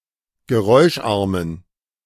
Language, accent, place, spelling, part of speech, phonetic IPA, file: German, Germany, Berlin, geräuscharmen, adjective, [ɡəˈʁɔɪ̯ʃˌʔaʁmən], De-geräuscharmen.ogg
- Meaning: inflection of geräuscharm: 1. strong genitive masculine/neuter singular 2. weak/mixed genitive/dative all-gender singular 3. strong/weak/mixed accusative masculine singular 4. strong dative plural